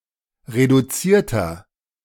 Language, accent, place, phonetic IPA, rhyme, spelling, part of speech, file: German, Germany, Berlin, [ʁeduˈt͡siːɐ̯tɐ], -iːɐ̯tɐ, reduzierter, adjective, De-reduzierter.ogg
- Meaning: inflection of reduziert: 1. strong/mixed nominative masculine singular 2. strong genitive/dative feminine singular 3. strong genitive plural